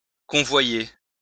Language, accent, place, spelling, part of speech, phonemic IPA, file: French, France, Lyon, convoyer, verb, /kɔ̃.vwa.je/, LL-Q150 (fra)-convoyer.wav
- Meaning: to convoy; to escort